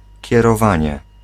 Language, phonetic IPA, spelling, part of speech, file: Polish, [ˌcɛrɔˈvãɲɛ], kierowanie, noun, Pl-kierowanie.ogg